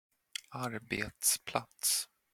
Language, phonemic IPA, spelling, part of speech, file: Swedish, /²arbeːtsˌplats/, arbetsplats, noun, Sv-arbetsplats.flac
- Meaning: workplace